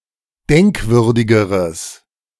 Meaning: strong/mixed nominative/accusative neuter singular comparative degree of denkwürdig
- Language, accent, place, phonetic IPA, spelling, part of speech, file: German, Germany, Berlin, [ˈdɛŋkˌvʏʁdɪɡəʁəs], denkwürdigeres, adjective, De-denkwürdigeres.ogg